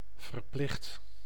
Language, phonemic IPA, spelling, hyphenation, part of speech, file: Dutch, /vərˈplɪxt/, verplicht, ver‧plicht, adjective / verb, Nl-verplicht.ogg
- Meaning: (adjective) compulsory, necessary, required; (verb) inflection of verplichten: 1. first/second/third-person singular present indicative 2. imperative